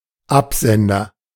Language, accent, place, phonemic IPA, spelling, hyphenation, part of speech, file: German, Germany, Berlin, /ˈapˌzɛndɐ/, Absender, Ab‧sen‧der, noun, De-Absender.ogg
- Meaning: 1. sender 2. return address (on a letter etc.)